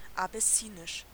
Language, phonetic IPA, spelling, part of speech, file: German, [abɛˈsiːnɪʃ], abessinisch, adjective, De-abessinisch.ogg
- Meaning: Abyssinian